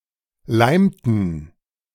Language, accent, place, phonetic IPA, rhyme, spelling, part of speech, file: German, Germany, Berlin, [ˈlaɪ̯mtn̩], -aɪ̯mtn̩, leimten, verb, De-leimten.ogg
- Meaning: inflection of leimen: 1. first/third-person plural preterite 2. first/third-person plural subjunctive II